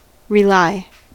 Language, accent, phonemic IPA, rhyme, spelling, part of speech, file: English, US, /ɹɪˈlaɪ/, -aɪ, rely, verb, En-us-rely.ogg
- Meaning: 1. To trust; to have confidence in 2. To depend; to be dependent upon 3. To be intellectually contingent from; to stem from 4. To fasten, fix, attach 5. To bring together again; to rally